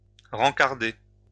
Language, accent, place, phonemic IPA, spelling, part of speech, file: French, France, Lyon, /ʁɑ̃.kaʁ.de/, rencarder, verb, LL-Q150 (fra)-rencarder.wav
- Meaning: 1. to inform 2. to inquire